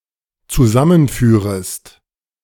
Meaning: second-person singular dependent subjunctive I of zusammenführen
- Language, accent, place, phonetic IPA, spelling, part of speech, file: German, Germany, Berlin, [t͡suˈzamənˌfyːʁəst], zusammenführest, verb, De-zusammenführest.ogg